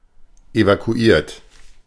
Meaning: 1. past participle of evakuieren 2. inflection of evakuieren: third-person singular present 3. inflection of evakuieren: second-person plural present 4. inflection of evakuieren: plural imperative
- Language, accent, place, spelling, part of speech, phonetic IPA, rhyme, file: German, Germany, Berlin, evakuiert, verb, [evakuˈiːɐ̯t], -iːɐ̯t, De-evakuiert.ogg